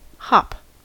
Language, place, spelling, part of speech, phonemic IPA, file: English, California, hop, noun / verb, /hɑp/, En-us-hop.ogg
- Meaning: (noun) 1. A short jump 2. A jump on one leg 3. A short journey, especially in the case of air travel, one that takes place on a private plane 4. A brief period of development or progress